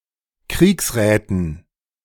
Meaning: dative plural of Kriegsrat
- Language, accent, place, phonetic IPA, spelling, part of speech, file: German, Germany, Berlin, [ˈkʁiːksˌʁɛːtn̩], Kriegsräten, noun, De-Kriegsräten.ogg